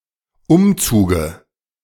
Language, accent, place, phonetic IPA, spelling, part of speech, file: German, Germany, Berlin, [ˈʊmˌt͡suːɡə], Umzuge, noun, De-Umzuge.ogg
- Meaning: dative of Umzug